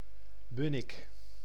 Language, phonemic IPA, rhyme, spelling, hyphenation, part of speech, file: Dutch, /ˈbʏ.nɪk/, -ɪk, Bunnik, Bun‧nik, proper noun, Nl-Bunnik.ogg
- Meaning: a village and municipality of Utrecht, Netherlands